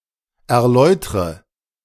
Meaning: inflection of erläutern: 1. first-person singular present 2. first/third-person singular subjunctive I 3. singular imperative
- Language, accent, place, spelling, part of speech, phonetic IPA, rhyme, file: German, Germany, Berlin, erläutre, verb, [ɛɐ̯ˈlɔɪ̯tʁə], -ɔɪ̯tʁə, De-erläutre.ogg